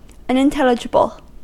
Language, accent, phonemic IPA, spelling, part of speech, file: English, US, /ˌʌnɪnˈtɛlɪd͡ʒɪbəl/, unintelligible, adjective, En-us-unintelligible.ogg
- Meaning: Not intelligible; unable to be understood